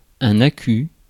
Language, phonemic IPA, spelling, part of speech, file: French, /a.ky/, accu, noun, Fr-accu.ogg
- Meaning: accumulator, battery